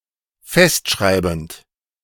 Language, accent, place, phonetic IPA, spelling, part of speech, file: German, Germany, Berlin, [ˈfɛstˌʃʁaɪ̯bn̩t], festschreibend, verb, De-festschreibend.ogg
- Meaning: present participle of festschreiben